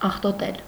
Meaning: to soil, to sully, to dirty
- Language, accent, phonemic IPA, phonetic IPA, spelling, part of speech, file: Armenian, Eastern Armenian, /ɑχtoˈtel/, [ɑχtotél], աղտոտել, verb, Hy-աղտոտել.ogg